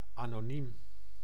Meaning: anonymous, without an (acknowledged) name
- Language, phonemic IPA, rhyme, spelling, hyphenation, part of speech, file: Dutch, /ˌaː.noːˈnim/, -im, anoniem, ano‧niem, adjective, Nl-anoniem.ogg